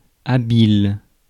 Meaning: 1. adroit, skillful 2. slick, nifty
- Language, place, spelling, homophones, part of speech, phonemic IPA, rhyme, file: French, Paris, habile, habiles, adjective, /a.bil/, -il, Fr-habile.ogg